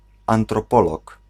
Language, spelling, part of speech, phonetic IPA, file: Polish, antropolog, noun, [ˌãntrɔˈpɔlɔk], Pl-antropolog.ogg